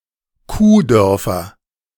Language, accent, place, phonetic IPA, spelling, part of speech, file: German, Germany, Berlin, [ˈkuːˌdœʁfɐ], Kuhdörfer, noun, De-Kuhdörfer.ogg
- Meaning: nominative/accusative/genitive plural of Kuhdorf